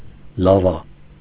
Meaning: lava
- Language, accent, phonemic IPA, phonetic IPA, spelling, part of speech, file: Armenian, Eastern Armenian, /lɑˈvɑ/, [lɑvɑ́], լավա, noun, Hy-լավա.ogg